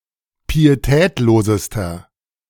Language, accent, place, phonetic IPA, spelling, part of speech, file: German, Germany, Berlin, [piːeˈtɛːtloːzəstɐ], pietätlosester, adjective, De-pietätlosester.ogg
- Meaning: inflection of pietätlos: 1. strong/mixed nominative masculine singular superlative degree 2. strong genitive/dative feminine singular superlative degree 3. strong genitive plural superlative degree